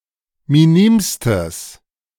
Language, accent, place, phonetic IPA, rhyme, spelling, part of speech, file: German, Germany, Berlin, [miˈniːmstəs], -iːmstəs, minimstes, adjective, De-minimstes.ogg
- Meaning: strong/mixed nominative/accusative neuter singular superlative degree of minim